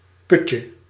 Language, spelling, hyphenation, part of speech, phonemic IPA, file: Dutch, putje, put‧je, noun, /ˈpʏt.jə/, Nl-putje.ogg
- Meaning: 1. diminutive of put 2. heart, midst